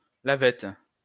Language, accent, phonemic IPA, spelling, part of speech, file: French, France, /la.vɛt/, lavette, noun, LL-Q150 (fra)-lavette.wav
- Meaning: 1. dishcloth (to wash dishes) 2. dishmop 3. person without energy, drip, dope, wet blanket